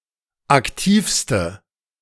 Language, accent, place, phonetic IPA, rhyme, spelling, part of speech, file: German, Germany, Berlin, [akˈtiːfstə], -iːfstə, aktivste, adjective, De-aktivste.ogg
- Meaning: inflection of aktiv: 1. strong/mixed nominative/accusative feminine singular superlative degree 2. strong nominative/accusative plural superlative degree